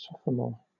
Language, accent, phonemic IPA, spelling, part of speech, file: English, Southern England, /ˈsɒf.ə.mɔː/, sophomore, adjective / noun, LL-Q1860 (eng)-sophomore.wav
- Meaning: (adjective) 1. The second in a series, especially, the second of an artist’s albums or the second of four years in a high school (tenth grade) or university 2. Sophomoric